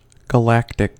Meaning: 1. Relating to a galaxy 2. Relating to a galaxy.: Relating to the Milky Way galaxy 3. Enormous (in size or impact) 4. Of or pertaining to milk, or the secretion of milk
- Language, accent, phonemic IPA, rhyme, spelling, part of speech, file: English, US, /ɡəˈlæktɪk/, -æktɪk, galactic, adjective, En-us-galactic.ogg